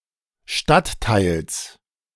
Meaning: genitive singular of Stadtteil
- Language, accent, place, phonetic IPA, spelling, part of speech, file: German, Germany, Berlin, [ˈʃtattaɪ̯ls], Stadtteils, noun, De-Stadtteils.ogg